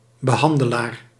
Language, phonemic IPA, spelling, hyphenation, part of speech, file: Dutch, /bəˈɦɑn.dəˌlaːr/, behandelaar, be‧han‧de‧laar, noun, Nl-behandelaar.ogg
- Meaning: 1. therapist, one providing a (medical, physical or psychiatric) therapy 2. one who treats a case or subject